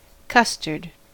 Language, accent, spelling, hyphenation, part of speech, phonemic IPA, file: English, US, custard, cus‧tard, noun, /ˈkʌs.tɚd/, En-us-custard.ogg